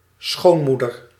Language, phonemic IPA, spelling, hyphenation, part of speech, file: Dutch, /ˈsxoːnˌmu.dər/, schoonmoeder, schoon‧moe‧der, noun, Nl-schoonmoeder.ogg
- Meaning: 1. mother-in-law (spouse’s mother) 2. mother of one's boyfriend or girlfriend